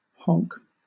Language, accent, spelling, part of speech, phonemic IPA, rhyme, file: English, Southern England, honk, verb / noun / interjection, /hɒŋk/, -ɒŋk, LL-Q1860 (eng)-honk.wav
- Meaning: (verb) 1. To use a car horn 2. To make a loud, harsh sound like a car horn 3. To make the vocal sound of a goose 4. To vomit 5. To have a bad smell 6. To squeeze playfully, usually a breast or nose